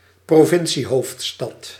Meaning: provincial capital
- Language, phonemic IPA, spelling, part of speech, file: Dutch, /proˈvɪnsiˌɦoftstɑt/, provinciehoofdstad, noun, Nl-provinciehoofdstad.ogg